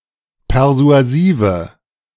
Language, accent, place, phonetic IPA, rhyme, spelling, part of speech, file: German, Germany, Berlin, [pɛʁzu̯aˈziːvə], -iːvə, persuasive, adjective, De-persuasive.ogg
- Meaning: inflection of persuasiv: 1. strong/mixed nominative/accusative feminine singular 2. strong nominative/accusative plural 3. weak nominative all-gender singular